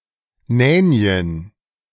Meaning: plural of Nänie
- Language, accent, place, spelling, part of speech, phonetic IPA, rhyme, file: German, Germany, Berlin, Nänien, noun, [ˈnɛːni̯ən], -ɛːni̯ən, De-Nänien.ogg